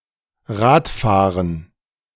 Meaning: cycling
- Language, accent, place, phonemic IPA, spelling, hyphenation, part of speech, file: German, Germany, Berlin, /ˈʁaːtˌfaːʁən/, Radfahren, Rad‧fah‧ren, noun, De-Radfahren.ogg